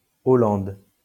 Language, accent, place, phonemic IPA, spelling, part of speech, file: French, France, Lyon, /ɔ.lɑ̃d/, Hollande, proper noun, LL-Q150 (fra)-Hollande.wav
- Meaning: 1. Holland (a historical province of the Netherlands) 2. Holland, the Netherlands (a country in Western Europe) 3. a surname